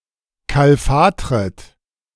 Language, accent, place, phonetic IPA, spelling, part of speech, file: German, Germany, Berlin, [ˌkalˈfaːtʁət], kalfatret, verb, De-kalfatret.ogg
- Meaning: second-person plural subjunctive I of kalfatern